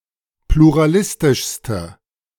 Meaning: inflection of pluralistisch: 1. strong/mixed nominative/accusative feminine singular superlative degree 2. strong nominative/accusative plural superlative degree
- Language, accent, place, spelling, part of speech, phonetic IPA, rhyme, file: German, Germany, Berlin, pluralistischste, adjective, [pluʁaˈlɪstɪʃstə], -ɪstɪʃstə, De-pluralistischste.ogg